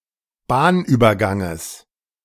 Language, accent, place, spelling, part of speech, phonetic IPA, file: German, Germany, Berlin, Bahnüberganges, noun, [ˈbaːnʔyːbɐˌɡaŋəs], De-Bahnüberganges.ogg
- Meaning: genitive singular of Bahnübergang